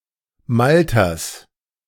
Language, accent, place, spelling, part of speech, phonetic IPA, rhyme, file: German, Germany, Berlin, Malters, noun, [ˈmaltɐs], -altɐs, De-Malters.ogg
- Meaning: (proper noun) a municipality of Lucerne, Switzerland; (noun) genitive singular of Malter